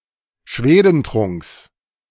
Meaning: genitive of Schwedentrunk
- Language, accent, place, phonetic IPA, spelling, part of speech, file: German, Germany, Berlin, [ˈʃveːdənˌtʁʊŋks], Schwedentrunks, noun, De-Schwedentrunks.ogg